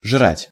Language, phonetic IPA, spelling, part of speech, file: Russian, [ʐratʲ], жрать, verb, Ru-жрать.ogg
- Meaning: 1. to eat 2. to devour, to gobble (eat greedily) 3. to gobble 4. to guzzle (alcohol) 5. to guzzle (fuel or power) 6. to sting, to bite